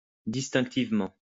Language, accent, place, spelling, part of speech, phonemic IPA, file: French, France, Lyon, distinctivement, adverb, /dis.tɛ̃k.tiv.mɑ̃/, LL-Q150 (fra)-distinctivement.wav
- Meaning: distinctively